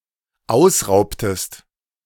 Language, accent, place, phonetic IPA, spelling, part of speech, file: German, Germany, Berlin, [ˈaʊ̯sˌʁaʊ̯ptəst], ausraubtest, verb, De-ausraubtest.ogg
- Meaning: inflection of ausrauben: 1. second-person singular dependent preterite 2. second-person singular dependent subjunctive II